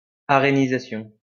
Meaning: arenization
- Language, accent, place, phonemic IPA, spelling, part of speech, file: French, France, Lyon, /a.ʁe.ni.za.sjɔ̃/, arénisation, noun, LL-Q150 (fra)-arénisation.wav